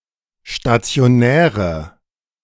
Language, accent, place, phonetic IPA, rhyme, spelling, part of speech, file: German, Germany, Berlin, [ʃtat͡si̯oˈnɛːʁə], -ɛːʁə, stationäre, adjective, De-stationäre.ogg
- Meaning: inflection of stationär: 1. strong/mixed nominative/accusative feminine singular 2. strong nominative/accusative plural 3. weak nominative all-gender singular